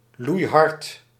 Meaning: 1. extremely loud, deafening 2. very hard, with a lot of force or vigour
- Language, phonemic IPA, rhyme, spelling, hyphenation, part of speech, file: Dutch, /lui̯ˈɦɑrt/, -ɑrt, loeihard, loei‧hard, adjective, Nl-loeihard.ogg